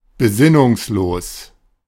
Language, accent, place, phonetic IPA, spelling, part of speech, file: German, Germany, Berlin, [beˈzɪnʊŋsˌloːs], besinnungslos, adjective, De-besinnungslos.ogg
- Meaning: unconscious